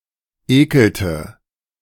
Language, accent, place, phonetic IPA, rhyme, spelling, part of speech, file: German, Germany, Berlin, [ˈeːkl̩tə], -eːkl̩tə, ekelte, verb, De-ekelte.ogg
- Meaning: inflection of ekeln: 1. first/third-person singular preterite 2. first/third-person singular subjunctive II